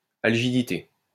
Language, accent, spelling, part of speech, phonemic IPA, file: French, France, algidité, noun, /al.ʒi.di.te/, LL-Q150 (fra)-algidité.wav
- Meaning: algidity